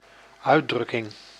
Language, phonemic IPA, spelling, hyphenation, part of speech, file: Dutch, /ˈœy̯(t)ˌdrʏkɪŋ/, uitdrukking, uit‧druk‧king, noun, Nl-uitdrukking.ogg
- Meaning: 1. expression, act or process of expressing something 2. expression, saying, idiom